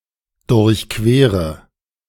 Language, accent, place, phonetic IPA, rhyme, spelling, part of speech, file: German, Germany, Berlin, [dʊʁçˈkveːʁə], -eːʁə, durchquere, verb, De-durchquere.ogg
- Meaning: inflection of durchqueren: 1. first-person singular present 2. first/third-person singular subjunctive I 3. singular imperative